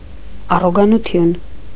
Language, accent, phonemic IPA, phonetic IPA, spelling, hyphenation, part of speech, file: Armenian, Eastern Armenian, /ɑroɡɑnuˈtʰjun/, [ɑroɡɑnut͡sʰjún], առոգանություն, ա‧ռո‧գա‧նու‧թյուն, noun, Hy-առոգանություն.ogg
- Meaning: 1. enunciation, diction 2. accent